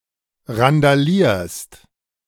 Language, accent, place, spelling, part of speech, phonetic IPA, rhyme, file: German, Germany, Berlin, randalierst, verb, [ʁandaˈliːɐ̯st], -iːɐ̯st, De-randalierst.ogg
- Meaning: second-person singular present of randalieren